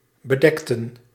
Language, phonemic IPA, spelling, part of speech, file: Dutch, /bəˈdɛktə(n)/, bedekten, verb, Nl-bedekten.ogg
- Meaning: inflection of bedekken: 1. plural past indicative 2. plural past subjunctive